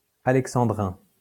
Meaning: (adjective) alexandrine; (noun) alexandrine (line of poetic meter having twelve syllables)
- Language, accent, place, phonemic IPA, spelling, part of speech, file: French, France, Lyon, /a.lɛk.sɑ̃.dʁɛ̃/, alexandrin, adjective / noun, LL-Q150 (fra)-alexandrin.wav